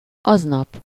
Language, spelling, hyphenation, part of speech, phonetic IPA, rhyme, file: Hungarian, aznap, az‧nap, adverb, [ˈɒznɒp], -ɒp, Hu-aznap.ogg
- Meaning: the same day, (on) that day